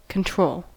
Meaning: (verb) 1. To exercise influence over; to suggest or dictate the behavior of 2. (construed with for) To design (an experiment) so that the effects of one or more variables are reduced or eliminated
- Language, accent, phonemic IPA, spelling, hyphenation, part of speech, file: English, US, /kənˈtɹoʊl/, control, con‧trol, verb / noun, En-us-control.ogg